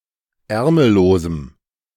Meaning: strong dative masculine/neuter singular of ärmellos
- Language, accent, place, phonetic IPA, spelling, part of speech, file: German, Germany, Berlin, [ˈɛʁml̩loːzəm], ärmellosem, adjective, De-ärmellosem.ogg